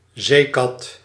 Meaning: cuttlefish (10-armed predatory marine cephalopod)
- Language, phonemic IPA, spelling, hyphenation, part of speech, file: Dutch, /ˈzeː.kɑt/, zeekat, zee‧kat, noun, Nl-zeekat.ogg